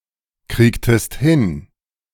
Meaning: inflection of hinkriegen: 1. second-person singular preterite 2. second-person singular subjunctive II
- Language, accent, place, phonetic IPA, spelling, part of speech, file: German, Germany, Berlin, [ˌkʁiːktəst ˈhɪn], kriegtest hin, verb, De-kriegtest hin.ogg